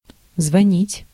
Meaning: 1. to call (to contact by telephone) 2. to call 3. to cause to ring 4. to ring (to make a ringing sound) (a bell, a telephone, etc.)
- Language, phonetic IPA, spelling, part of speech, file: Russian, [zvɐˈnʲitʲ], звонить, verb, Ru-звонить.ogg